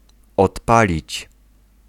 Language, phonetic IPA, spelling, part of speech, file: Polish, [ɔtˈpalʲit͡ɕ], odpalić, verb, Pl-odpalić.ogg